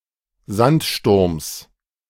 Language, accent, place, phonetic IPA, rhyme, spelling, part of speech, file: German, Germany, Berlin, [ˈzantˌʃtʊʁms], -antʃtʊʁms, Sandsturms, noun, De-Sandsturms.ogg
- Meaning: genitive singular of Sandsturm